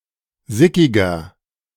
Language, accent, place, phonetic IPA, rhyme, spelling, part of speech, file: German, Germany, Berlin, [ˈzɪkɪɡɐ], -ɪkɪɡɐ, sickiger, adjective, De-sickiger.ogg
- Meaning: 1. comparative degree of sickig 2. inflection of sickig: strong/mixed nominative masculine singular 3. inflection of sickig: strong genitive/dative feminine singular